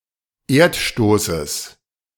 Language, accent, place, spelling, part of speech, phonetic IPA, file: German, Germany, Berlin, Erdstoßes, noun, [ˈeːɐ̯tˌʃtoːsəs], De-Erdstoßes.ogg
- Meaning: genitive singular of Erdstoß